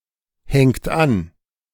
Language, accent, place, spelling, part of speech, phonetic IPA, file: German, Germany, Berlin, hängt an, verb, [ˌhɛŋt ˈan], De-hängt an.ogg
- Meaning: inflection of anhängen: 1. third-person singular present 2. second-person plural present 3. plural imperative